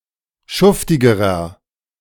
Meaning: inflection of schuftig: 1. strong/mixed nominative masculine singular comparative degree 2. strong genitive/dative feminine singular comparative degree 3. strong genitive plural comparative degree
- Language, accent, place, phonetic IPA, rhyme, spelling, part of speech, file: German, Germany, Berlin, [ˈʃʊftɪɡəʁɐ], -ʊftɪɡəʁɐ, schuftigerer, adjective, De-schuftigerer.ogg